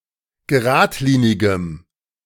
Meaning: strong dative masculine/neuter singular of geradlinig
- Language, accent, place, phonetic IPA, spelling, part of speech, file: German, Germany, Berlin, [ɡəˈʁaːtˌliːnɪɡəm], geradlinigem, adjective, De-geradlinigem.ogg